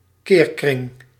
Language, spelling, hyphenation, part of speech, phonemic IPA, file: Dutch, keerkring, keer‧kring, noun, /ˈkeːr.krɪŋ/, Nl-keerkring.ogg
- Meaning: tropic